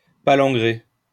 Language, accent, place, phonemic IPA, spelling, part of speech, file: French, France, Lyon, /pa.lɑ̃.ɡʁe/, palangrer, verb, LL-Q150 (fra)-palangrer.wav
- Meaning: to long-line (fish with a longline)